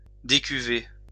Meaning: 1. to remove (grapes, wine, etc.) from a vat 2. to sober up; to sleep it off (to recover from the effects of self-induced acute alcohol intoxication)
- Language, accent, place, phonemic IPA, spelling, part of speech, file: French, France, Lyon, /de.ky.ve/, décuver, verb, LL-Q150 (fra)-décuver.wav